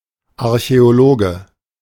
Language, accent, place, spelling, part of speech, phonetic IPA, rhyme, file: German, Germany, Berlin, Archäologe, noun, [aʁçɛoˈloːɡə], -oːɡə, De-Archäologe.ogg
- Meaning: archaeologist (male or of unspecified gender)